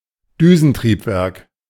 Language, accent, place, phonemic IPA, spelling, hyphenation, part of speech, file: German, Germany, Berlin, /ˈdyːzn̩ˌtʁiːpvɛʁk/, Düsentriebwerk, Dü‧sen‧trieb‧werk, noun, De-Düsentriebwerk.ogg
- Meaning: jet engine